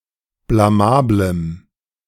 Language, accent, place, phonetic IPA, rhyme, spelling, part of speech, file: German, Germany, Berlin, [blaˈmaːbləm], -aːbləm, blamablem, adjective, De-blamablem.ogg
- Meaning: strong dative masculine/neuter singular of blamabel